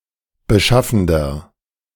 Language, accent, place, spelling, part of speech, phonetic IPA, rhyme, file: German, Germany, Berlin, beschaffender, adjective, [bəˈʃafn̩dɐ], -afn̩dɐ, De-beschaffender.ogg
- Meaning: inflection of beschaffend: 1. strong/mixed nominative masculine singular 2. strong genitive/dative feminine singular 3. strong genitive plural